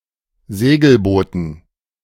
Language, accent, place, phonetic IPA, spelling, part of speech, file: German, Germany, Berlin, [ˈzeːɡl̩ˌboːtn̩], Segelbooten, noun, De-Segelbooten.ogg
- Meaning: dative plural of Segelboot